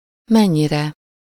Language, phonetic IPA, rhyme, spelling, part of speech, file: Hungarian, [ˈmɛɲːirɛ], -rɛ, mennyire, pronoun / adverb, Hu-mennyire.ogg
- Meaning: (pronoun) sublative singular of mennyi; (adverb) to what extent, how much, how